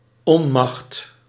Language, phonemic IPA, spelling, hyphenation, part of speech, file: Dutch, /ˈɔ(n).mɑxt/, onmacht, on‧macht, noun, Nl-onmacht.ogg
- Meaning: 1. powerlessness, the state of lacking power 2. unconsciousness, the state of lacking consciousness, awareness, etc. or an instance thereof